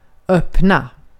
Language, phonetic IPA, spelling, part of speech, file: Swedish, [ˇøpna], öppna, verb / adjective, Sv-öppna.ogg
- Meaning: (adjective) inflection of öppen: 1. definite singular 2. plural; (verb) to open (similar senses to English)